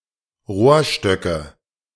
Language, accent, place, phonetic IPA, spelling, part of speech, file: German, Germany, Berlin, [ˈʁoːɐ̯ˌʃtœkə], Rohrstöcke, noun, De-Rohrstöcke.ogg
- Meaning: nominative/accusative/genitive plural of Rohrstock